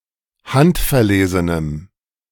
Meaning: strong dative masculine/neuter singular of handverlesen
- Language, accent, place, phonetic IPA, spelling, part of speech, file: German, Germany, Berlin, [ˈhantfɛɐ̯ˌleːzənəm], handverlesenem, adjective, De-handverlesenem.ogg